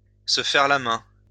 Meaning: to try one's hand (in), to get one's hand in, to get accustomed (to), to train oneself (in), to practise
- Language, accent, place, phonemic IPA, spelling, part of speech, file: French, France, Lyon, /sə fɛʁ la mɛ̃/, se faire la main, verb, LL-Q150 (fra)-se faire la main.wav